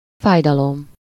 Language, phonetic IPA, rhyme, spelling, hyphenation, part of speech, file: Hungarian, [ˈfaːjdɒlom], -om, fájdalom, fáj‧da‧lom, noun / interjection, Hu-fájdalom.ogg
- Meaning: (noun) 1. pain (ache or bodily suffering) 2. grief, sorrow (emotional pain) 3. grief, sorrow (emotional pain): sadness, sorrow (used in common phrases when acknowledginging someone's passing)